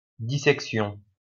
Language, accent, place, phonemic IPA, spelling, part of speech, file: French, France, Lyon, /di.sɛk.sjɔ̃/, dissection, noun, LL-Q150 (fra)-dissection.wav
- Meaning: dissection